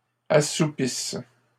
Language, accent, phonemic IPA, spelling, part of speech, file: French, Canada, /a.su.pis/, assoupisse, verb, LL-Q150 (fra)-assoupisse.wav
- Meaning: inflection of assoupir: 1. first/third-person singular present subjunctive 2. first-person singular imperfect subjunctive